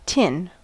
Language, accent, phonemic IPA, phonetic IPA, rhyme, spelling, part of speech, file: English, US, /tɪn/, [tʰɪn], -ɪn, tin, noun / adjective / verb, En-us-tin.ogg
- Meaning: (noun) 1. A malleable, ductile, metallic element, resistant to corrosion, with atomic number 50 and symbol Sn 2. Iron or steel sheet metal that is coated with tin as an anticorrosion protectant